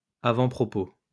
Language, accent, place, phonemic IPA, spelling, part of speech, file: French, France, Lyon, /a.vɑ̃.pʁɔ.po/, avant-propos, noun, LL-Q150 (fra)-avant-propos.wav
- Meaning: foreword